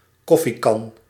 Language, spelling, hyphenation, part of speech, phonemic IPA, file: Dutch, koffiekan, kof‧fie‧kan, noun, /ˈkɔ.fiˌkɑn/, Nl-koffiekan.ogg
- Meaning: a coffeepot